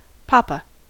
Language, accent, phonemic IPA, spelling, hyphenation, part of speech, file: English, General American, /ˈpɑːpə/, papa, pa‧pa, noun, En-us-papa.ogg
- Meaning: 1. Dad, daddy, father; a familiar or old-fashioned term of address to one’s father 2. A pet name for one's grandfather 3. A parish priest in the Greek Orthodox Church